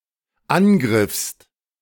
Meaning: second-person singular dependent preterite of angreifen
- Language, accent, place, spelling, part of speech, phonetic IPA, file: German, Germany, Berlin, angriffst, verb, [ˈanˌɡʁɪfst], De-angriffst.ogg